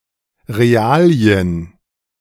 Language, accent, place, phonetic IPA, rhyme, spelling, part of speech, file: German, Germany, Berlin, [ʁeˈaːli̯ən], -aːli̯ən, Realien, noun, De-Realien.ogg
- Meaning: 1. Facts, realities 2. Expertise, know-how 3. Natural sciences, collectively